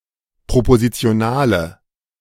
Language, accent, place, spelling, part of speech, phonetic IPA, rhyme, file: German, Germany, Berlin, propositionale, adjective, [pʁopozit͡si̯oˈnaːlə], -aːlə, De-propositionale.ogg
- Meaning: inflection of propositional: 1. strong/mixed nominative/accusative feminine singular 2. strong nominative/accusative plural 3. weak nominative all-gender singular